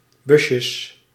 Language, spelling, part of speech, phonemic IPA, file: Dutch, busjes, noun, /ˈbʏsjəs/, Nl-busjes.ogg
- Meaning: plural of busje